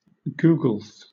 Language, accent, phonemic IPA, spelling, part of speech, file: English, Southern England, /ˈɡuːɡəlθ/, googolth, adjective / noun, LL-Q1860 (eng)-googolth.wav
- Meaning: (adjective) The ordinal form of the number googol; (noun) 1. The person or thing in the googolth position 2. One of a googol equal parts of a whole